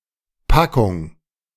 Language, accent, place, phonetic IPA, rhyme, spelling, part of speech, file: German, Germany, Berlin, [ˈpakʊŋ], -akʊŋ, Packung, noun, De-Packung.ogg
- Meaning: 1. pack, package, packet 2. a poultice, especially one for cosmetic purposes 3. a large defeat, battering 4. the act of packing, a certain method of it